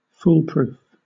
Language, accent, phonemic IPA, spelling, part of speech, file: English, Southern England, /ˈfuːl ˌpɹuːf/, foolproof, adjective / verb, LL-Q1860 (eng)-foolproof.wav
- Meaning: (adjective) 1. Of a device: protected against, or designed to be proof against, misuse or error 2. Of an idea or plan: certain to succeed in all eventualities, or claimed to be so; infallible